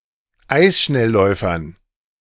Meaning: dative plural of Eisschnellläufer
- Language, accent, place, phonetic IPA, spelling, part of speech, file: German, Germany, Berlin, [ˈaɪ̯sʃnɛlˌlɔɪ̯fɐn], Eisschnellläufern, noun, De-Eisschnellläufern.ogg